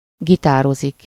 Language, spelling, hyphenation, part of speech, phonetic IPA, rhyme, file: Hungarian, gitározik, gi‧tá‧ro‧zik, verb, [ˈɡitaːrozik], -ozik, Hu-gitározik.ogg
- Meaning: to play the guitar